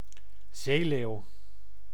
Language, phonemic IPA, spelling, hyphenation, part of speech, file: Dutch, /ˈzeːleːu̯/, zeeleeuw, zee‧leeuw, noun, Nl-zeeleeuw.ogg
- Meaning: the sea lion, a seal species, member of the Otariidae family